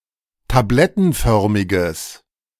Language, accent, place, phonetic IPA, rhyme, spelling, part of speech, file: German, Germany, Berlin, [taˈblɛtn̩ˌfœʁmɪɡəs], -ɛtn̩fœʁmɪɡəs, tablettenförmiges, adjective, De-tablettenförmiges.ogg
- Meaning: strong/mixed nominative/accusative neuter singular of tablettenförmig